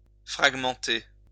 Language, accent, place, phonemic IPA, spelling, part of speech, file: French, France, Lyon, /fʁaɡ.mɑ̃.te/, fragmenter, verb, LL-Q150 (fra)-fragmenter.wav
- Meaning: to split up, divide, fragment